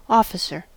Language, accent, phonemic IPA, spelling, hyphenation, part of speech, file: English, US, /ˈɔ.fɪ.sɚ/, officer, of‧fi‧cer, noun / verb, En-us-officer.ogg
- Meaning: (noun) One who has a position of authority in a hierarchical organization, especially in military, police or government organizations